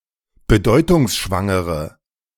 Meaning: inflection of bedeutungsschwanger: 1. strong/mixed nominative/accusative feminine singular 2. strong nominative/accusative plural 3. weak nominative all-gender singular
- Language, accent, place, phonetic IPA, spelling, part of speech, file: German, Germany, Berlin, [bəˈdɔɪ̯tʊŋsʃvaŋəʁə], bedeutungsschwangere, adjective, De-bedeutungsschwangere.ogg